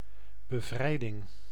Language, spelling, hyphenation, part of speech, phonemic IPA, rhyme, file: Dutch, bevrijding, be‧vrij‧ding, noun, /bəˈvrɛi̯.dɪŋ/, -ɛi̯dɪŋ, Nl-bevrijding.ogg
- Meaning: liberation